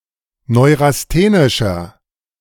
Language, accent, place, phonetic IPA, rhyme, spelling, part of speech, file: German, Germany, Berlin, [ˌnɔɪ̯ʁasˈteːnɪʃɐ], -eːnɪʃɐ, neurasthenischer, adjective, De-neurasthenischer.ogg
- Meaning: inflection of neurasthenisch: 1. strong/mixed nominative masculine singular 2. strong genitive/dative feminine singular 3. strong genitive plural